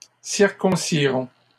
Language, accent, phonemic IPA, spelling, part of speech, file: French, Canada, /siʁ.kɔ̃.si.ʁɔ̃/, circoncirons, verb, LL-Q150 (fra)-circoncirons.wav
- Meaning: first-person plural simple future of circoncire